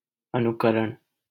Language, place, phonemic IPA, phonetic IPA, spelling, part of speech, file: Hindi, Delhi, /ə.nʊ.kə.ɾəɳ/, [ɐ.nʊ.kɐ.ɾɐ̃ɳ], अनुकरण, noun, LL-Q1568 (hin)-अनुकरण.wav
- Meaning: imitation; emulation; mimicry